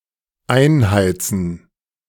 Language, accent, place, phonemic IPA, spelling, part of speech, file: German, Germany, Berlin, /ˈaɪ̯nˌhaɪ̯tsən/, einheizen, verb, De-einheizen.ogg
- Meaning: 1. to start heating, to turn the heating on (in a dwelling, not usually in a car or the like) 2. to fire up, put on (an oven) 3. to fire up, enthuse 4. to give hell, haul over the coals